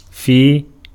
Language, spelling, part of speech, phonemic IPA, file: Arabic, في, preposition / verb, /fiː/, Ar-في.ogg
- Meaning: 1. in, within 2. during, for a duration of 3. in with, among, together with 4. of, about, in regards to, pertaining to, in the subject or topic of 5. on account of, for the reason of, in relation to